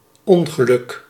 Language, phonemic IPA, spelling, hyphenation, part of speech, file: Dutch, /ˈɔŋ.ɣəˌlʏk/, ongeluk, on‧ge‧luk, noun, Nl-ongeluk.ogg
- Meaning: 1. unhappiness, misery 2. accident 3. bad luck, misfortune